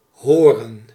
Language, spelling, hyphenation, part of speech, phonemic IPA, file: Dutch, horen, ho‧ren, verb / noun, /ˈɦoːrə(n)/, Nl-horen.ogg
- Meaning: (verb) 1. to hear 2. to belong 3. to be supposed to, to be meant to 4. to be appropriate, polite or agreeing with social norms (lit. to be heard of); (noun) alternative form of hoorn